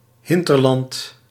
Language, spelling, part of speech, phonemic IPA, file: Dutch, hinterland, noun, /ˈɦɪntərlɑnt/, Nl-hinterland.ogg
- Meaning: hinterland (rural territory, backwater)